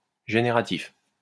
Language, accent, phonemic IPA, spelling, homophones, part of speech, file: French, France, /ʒe.ne.ʁa.tif/, génératif, génératifs, adjective, LL-Q150 (fra)-génératif.wav
- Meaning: generative